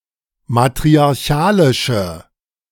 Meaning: inflection of matriarchalisch: 1. strong/mixed nominative/accusative feminine singular 2. strong nominative/accusative plural 3. weak nominative all-gender singular
- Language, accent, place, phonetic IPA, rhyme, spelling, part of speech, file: German, Germany, Berlin, [matʁiaʁˈçaːlɪʃə], -aːlɪʃə, matriarchalische, adjective, De-matriarchalische.ogg